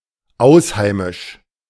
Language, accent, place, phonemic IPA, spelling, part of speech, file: German, Germany, Berlin, /ˈaʊ̯sˌhaɪ̯mɪʃ/, ausheimisch, adjective, De-ausheimisch.ogg
- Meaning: foreign